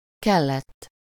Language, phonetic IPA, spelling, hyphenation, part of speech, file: Hungarian, [ˈkɛlːɛtː], kellett, kel‧lett, verb, Hu-kellett.ogg
- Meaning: 1. third-person singular past of kell 2. past participle of kell